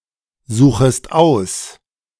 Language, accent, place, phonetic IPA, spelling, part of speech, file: German, Germany, Berlin, [ˌzuːxəst ˈaʊ̯s], suchest aus, verb, De-suchest aus.ogg
- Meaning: second-person singular subjunctive I of aussuchen